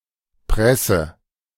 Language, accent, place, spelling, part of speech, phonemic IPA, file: German, Germany, Berlin, Presse, noun, /ˈpʁɛsə/, De-Presse.ogg
- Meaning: 1. press (device used to apply pressure) 2. press (printed media)